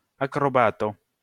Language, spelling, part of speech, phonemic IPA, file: Esperanto, akrobato, noun, /akroˈbato/, LL-Q143 (epo)-akrobato.wav